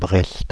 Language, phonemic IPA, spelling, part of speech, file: French, /bʁɛst/, Brest, proper noun, Fr-Brest.ogg
- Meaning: 1. Brest (a port city in Finistère, Brittany, France) 2. Brest (a city in Belarus), on the border with Poland